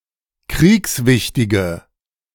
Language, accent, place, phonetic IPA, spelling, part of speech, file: German, Germany, Berlin, [ˈkʁiːksˌvɪçtɪɡə], kriegswichtige, adjective, De-kriegswichtige.ogg
- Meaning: inflection of kriegswichtig: 1. strong/mixed nominative/accusative feminine singular 2. strong nominative/accusative plural 3. weak nominative all-gender singular